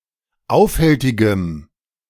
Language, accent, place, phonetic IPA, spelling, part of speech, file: German, Germany, Berlin, [ˈaʊ̯fˌhɛltɪɡəm], aufhältigem, adjective, De-aufhältigem.ogg
- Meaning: strong dative masculine/neuter singular of aufhältig